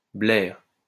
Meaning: nose: conk, hooter, schnozzle
- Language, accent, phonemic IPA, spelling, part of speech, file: French, France, /blɛʁ/, blair, noun, LL-Q150 (fra)-blair.wav